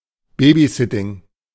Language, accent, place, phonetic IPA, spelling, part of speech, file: German, Germany, Berlin, [ˈbeːbizɪtɪŋ], Babysitting, noun, De-Babysitting.ogg
- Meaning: babysitting